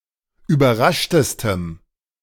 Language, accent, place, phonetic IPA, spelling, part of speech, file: German, Germany, Berlin, [yːbɐˈʁaʃtəstəm], überraschtestem, adjective, De-überraschtestem.ogg
- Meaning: strong dative masculine/neuter singular superlative degree of überrascht